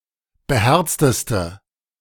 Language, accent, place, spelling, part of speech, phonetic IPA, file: German, Germany, Berlin, beherzteste, adjective, [bəˈhɛʁt͡stəstə], De-beherzteste.ogg
- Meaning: inflection of beherzt: 1. strong/mixed nominative/accusative feminine singular superlative degree 2. strong nominative/accusative plural superlative degree